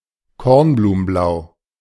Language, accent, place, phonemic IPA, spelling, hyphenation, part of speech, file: German, Germany, Berlin, /ˈkɔʁnbluːmənˌblaʊ̯/, kornblumenblau, korn‧blu‧men‧blau, adjective, De-kornblumenblau.ogg
- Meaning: cornflower blue